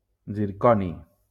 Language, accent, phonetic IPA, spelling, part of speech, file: Catalan, Valencia, [ziɾˈkɔ.ni], zirconi, noun, LL-Q7026 (cat)-zirconi.wav
- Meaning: zirconium